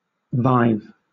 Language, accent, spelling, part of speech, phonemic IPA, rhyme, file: English, Southern England, vive, adjective, /vaɪv/, -aɪv, LL-Q1860 (eng)-vive.wav
- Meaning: lively, animated